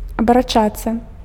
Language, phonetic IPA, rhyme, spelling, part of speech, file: Belarusian, [abaraˈt͡ʂat͡sːa], -at͡sːa, абарачацца, verb, Be-абарачацца.ogg
- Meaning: to rotate, to turn around